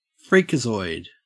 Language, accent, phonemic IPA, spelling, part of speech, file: English, Australia, /ˈfɹiːkəzɔɪd/, freakazoid, adjective / noun, En-au-freakazoid.ogg
- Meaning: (adjective) Freaky; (noun) A freaky person or creature; a freak